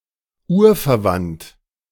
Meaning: cognate
- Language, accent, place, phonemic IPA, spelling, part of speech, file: German, Germany, Berlin, /ˈuːɐ̯fɛɐ̯ˌvant/, urverwandt, adjective, De-urverwandt.ogg